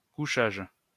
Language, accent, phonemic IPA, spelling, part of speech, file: French, France, /ku.ʃaʒ/, couchage, noun, LL-Q150 (fra)-couchage.wav
- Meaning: 1. coating (of paper etc) 2. sleeping